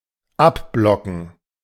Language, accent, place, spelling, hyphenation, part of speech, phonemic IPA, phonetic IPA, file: German, Germany, Berlin, abblocken, ab‧blo‧cken, verb, /ˈaˌblɔkən/, [ˈʔaˌblɔkŋ̍], De-abblocken.ogg
- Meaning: to block